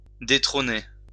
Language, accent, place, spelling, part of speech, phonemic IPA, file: French, France, Lyon, détrôner, verb, /de.tʁo.ne/, LL-Q150 (fra)-détrôner.wav
- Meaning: to dethrone